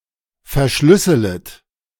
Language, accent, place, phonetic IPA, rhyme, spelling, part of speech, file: German, Germany, Berlin, [fɛɐ̯ˈʃlʏsələt], -ʏsələt, verschlüsselet, verb, De-verschlüsselet.ogg
- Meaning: second-person plural subjunctive I of verschlüsseln